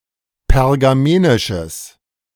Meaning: strong/mixed nominative/accusative neuter singular of pergamenisch
- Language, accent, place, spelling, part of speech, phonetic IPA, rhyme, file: German, Germany, Berlin, pergamenisches, adjective, [pɛʁɡaˈmeːnɪʃəs], -eːnɪʃəs, De-pergamenisches.ogg